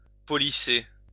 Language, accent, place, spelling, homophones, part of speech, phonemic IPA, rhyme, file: French, France, Lyon, policer, policé / policée / policées / policés, verb, /pɔ.li.se/, -e, LL-Q150 (fra)-policer.wav
- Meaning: to police